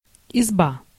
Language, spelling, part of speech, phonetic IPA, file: Russian, изба, noun, [ɪzˈba], Ru-изба.ogg
- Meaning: izba, (peasant's) log hut, cottage